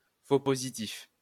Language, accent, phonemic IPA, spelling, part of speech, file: French, France, /fo po.zi.tif/, faux positif, noun, LL-Q150 (fra)-faux positif.wav
- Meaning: false positive